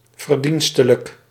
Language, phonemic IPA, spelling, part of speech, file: Dutch, /vərˈdin.stə.lək/, verdienstelijk, adjective, Nl-verdienstelijk.ogg
- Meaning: meritorious, commendable, deserving